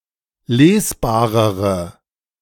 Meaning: inflection of lesbar: 1. strong/mixed nominative/accusative feminine singular comparative degree 2. strong nominative/accusative plural comparative degree
- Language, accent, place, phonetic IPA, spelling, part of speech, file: German, Germany, Berlin, [ˈleːsˌbaːʁəʁə], lesbarere, adjective, De-lesbarere.ogg